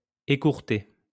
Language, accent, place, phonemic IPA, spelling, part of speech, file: French, France, Lyon, /e.kuʁ.te/, écourté, verb, LL-Q150 (fra)-écourté.wav
- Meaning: past participle of écourter